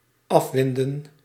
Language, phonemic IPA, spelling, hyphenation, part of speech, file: Dutch, /ˈɑfˌʋɪn.də(n)/, afwinden, af‧win‧den, verb, Nl-afwinden.ogg
- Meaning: 1. to unwind, to wind off (to remove coils) 2. to crank down (to move something downward by means of a windlass)